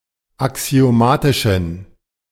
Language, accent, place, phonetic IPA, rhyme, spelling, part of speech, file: German, Germany, Berlin, [aksi̯oˈmaːtɪʃn̩], -aːtɪʃn̩, axiomatischen, adjective, De-axiomatischen.ogg
- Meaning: inflection of axiomatisch: 1. strong genitive masculine/neuter singular 2. weak/mixed genitive/dative all-gender singular 3. strong/weak/mixed accusative masculine singular 4. strong dative plural